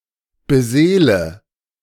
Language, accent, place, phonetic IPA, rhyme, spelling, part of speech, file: German, Germany, Berlin, [bəˈzeːlə], -eːlə, beseele, verb, De-beseele.ogg
- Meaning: inflection of beseelen: 1. first-person singular present 2. first/third-person singular subjunctive I 3. singular imperative